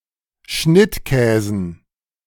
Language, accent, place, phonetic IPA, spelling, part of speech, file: German, Germany, Berlin, [ˈʃnɪtˌkɛːzn̩], Schnittkäsen, noun, De-Schnittkäsen.ogg
- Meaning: dative plural of Schnittkäse